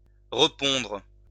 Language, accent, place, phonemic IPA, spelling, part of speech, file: French, France, Lyon, /ʁə.pɔ̃dʁ/, repondre, verb, LL-Q150 (fra)-repondre.wav
- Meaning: obsolete spelling of répondre